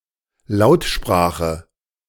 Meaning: vocal language (i.e. as opposed to a sign language)
- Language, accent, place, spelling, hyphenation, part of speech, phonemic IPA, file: German, Germany, Berlin, Lautsprache, Laut‧spra‧che, noun, /ˈlaʊ̯tˌʃpʁaːxə/, De-Lautsprache.ogg